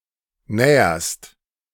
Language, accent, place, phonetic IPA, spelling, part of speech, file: German, Germany, Berlin, [ˈnɛːɐst], näherst, verb, De-näherst.ogg
- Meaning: second-person singular present of nähern